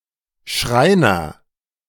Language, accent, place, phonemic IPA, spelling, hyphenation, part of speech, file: German, Germany, Berlin, /ˈʃʁaɪ̯nɐ/, Schreiner, Schrei‧ner, noun, De-Schreiner.ogg
- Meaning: joiner (maker of wooden furniture)